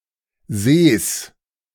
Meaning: genitive singular of See
- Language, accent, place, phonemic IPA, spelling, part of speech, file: German, Germany, Berlin, /zeːs/, Sees, noun, De-Sees.ogg